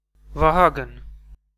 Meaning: 1. Vahagn 2. a male given name, Vahagn
- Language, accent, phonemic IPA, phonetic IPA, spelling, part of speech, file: Armenian, Eastern Armenian, /vɑˈhɑɡən/, [vɑhɑ́ɡən], Վահագն, proper noun, Hy-EA-Վահագն.ogg